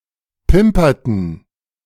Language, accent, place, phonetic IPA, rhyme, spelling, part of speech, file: German, Germany, Berlin, [ˈpɪmpɐtn̩], -ɪmpɐtn̩, pimperten, verb, De-pimperten.ogg
- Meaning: inflection of pimpern: 1. first/third-person plural preterite 2. first/third-person plural subjunctive II